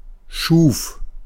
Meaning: first/third-person singular preterite of schaffen
- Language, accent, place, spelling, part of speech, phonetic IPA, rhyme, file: German, Germany, Berlin, schuf, verb, [ʃuːf], -uːf, De-schuf.ogg